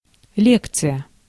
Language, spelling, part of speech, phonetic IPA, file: Russian, лекция, noun, [ˈlʲekt͡sɨjə], Ru-лекция.ogg
- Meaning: lecture, conference